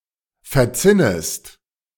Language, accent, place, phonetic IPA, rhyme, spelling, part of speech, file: German, Germany, Berlin, [fɛɐ̯ˈt͡sɪnəst], -ɪnəst, verzinnest, verb, De-verzinnest.ogg
- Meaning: second-person singular subjunctive I of verzinnen